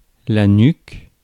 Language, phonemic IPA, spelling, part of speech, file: French, /nyk/, nuque, noun, Fr-nuque.ogg
- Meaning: nape, back of the neck